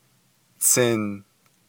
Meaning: 1. wood, timber 2. tree
- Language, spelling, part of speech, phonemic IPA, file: Navajo, tsin, noun, /t͡sʰɪ̀n/, Nv-tsin.ogg